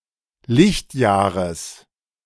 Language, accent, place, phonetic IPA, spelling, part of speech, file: German, Germany, Berlin, [ˈlɪçtˌjaːʁəs], Lichtjahres, noun, De-Lichtjahres.ogg
- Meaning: genitive singular of Lichtjahr